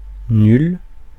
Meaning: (adjective) feminine singular of nul; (noun) female equivalent of nul; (pronoun) feminine singular of nul (“nobody”)
- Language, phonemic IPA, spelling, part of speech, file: French, /nyl/, nulle, adjective / noun / pronoun, Fr-nulle.ogg